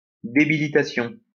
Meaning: debilitation, weakening
- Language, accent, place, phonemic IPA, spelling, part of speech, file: French, France, Lyon, /de.bi.li.ta.sjɔ̃/, débilitation, noun, LL-Q150 (fra)-débilitation.wav